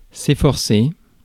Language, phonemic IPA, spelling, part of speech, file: French, /e.fɔʁ.se/, efforcer, verb, Fr-efforcer.ogg
- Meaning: to make efforts towards, to try hard to, to endeavour